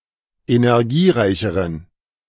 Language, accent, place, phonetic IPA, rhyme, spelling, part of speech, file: German, Germany, Berlin, [enɛʁˈɡiːˌʁaɪ̯çəʁən], -iːʁaɪ̯çəʁən, energiereicheren, adjective, De-energiereicheren.ogg
- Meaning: inflection of energiereich: 1. strong genitive masculine/neuter singular comparative degree 2. weak/mixed genitive/dative all-gender singular comparative degree